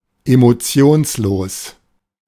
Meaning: emotionless
- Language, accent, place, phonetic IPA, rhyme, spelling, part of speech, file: German, Germany, Berlin, [emoˈt͡si̯oːnsˌloːs], -oːnsloːs, emotionslos, adjective, De-emotionslos.ogg